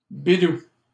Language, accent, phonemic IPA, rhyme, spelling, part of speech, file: French, Canada, /bi.du/, -u, bidou, noun, LL-Q150 (fra)-bidou.wav
- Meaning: 1. tummy, tum-tum (stomach, abdomen) 2. money; coin